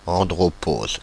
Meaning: andropause
- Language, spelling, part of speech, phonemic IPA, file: French, andropause, noun, /ɑ̃.dʁɔ.poz/, Fr-andropause.ogg